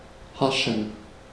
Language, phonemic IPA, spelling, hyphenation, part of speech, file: German, /ˈhaʁʃn̩/, harschen, har‧schen, verb / adjective, De-harschen.ogg
- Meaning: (verb) 1. to freeze over 2. to form a crust over; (adjective) inflection of harsch: 1. strong genitive masculine/neuter singular 2. weak/mixed genitive/dative all-gender singular